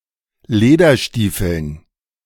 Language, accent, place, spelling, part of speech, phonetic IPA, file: German, Germany, Berlin, Lederstiefeln, noun, [ˈleːdɐˌʃtiːfl̩n], De-Lederstiefeln.ogg
- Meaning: dative plural of Lederstiefel